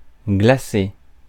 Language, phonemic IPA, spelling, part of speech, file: French, /ɡla.se/, glacer, verb, Fr-glacer.ogg
- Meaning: 1. to freeze; to turn to ice 2. to freeze 3. to ice (cover with icing) 4. to turn to ice (become ice)